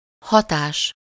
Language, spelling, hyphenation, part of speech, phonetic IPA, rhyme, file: Hungarian, hatás, ha‧tás, noun, [ˈhɒtaːʃ], -aːʃ, Hu-hatás.ogg
- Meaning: effect